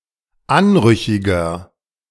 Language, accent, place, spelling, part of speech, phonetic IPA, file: German, Germany, Berlin, anrüchiger, adjective, [ˈanˌʁʏçɪɡɐ], De-anrüchiger.ogg
- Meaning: 1. comparative degree of anrüchig 2. inflection of anrüchig: strong/mixed nominative masculine singular 3. inflection of anrüchig: strong genitive/dative feminine singular